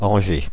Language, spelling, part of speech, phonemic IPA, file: French, Angers, proper noun, /ɑ̃.ʒe/, Fr-Angers.ogg
- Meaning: Angers (a city, the prefecture of Maine-et-Loire department, Pays de la Loire, France)